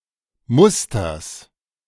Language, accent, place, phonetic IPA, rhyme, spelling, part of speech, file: German, Germany, Berlin, [ˈmʊstɐs], -ʊstɐs, Musters, noun, De-Musters.ogg
- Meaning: genitive singular of Muster